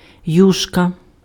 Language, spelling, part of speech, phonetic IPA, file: Ukrainian, юшка, noun, [ˈjuʃkɐ], Uk-юшка.ogg
- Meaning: soup, (especially fish soup)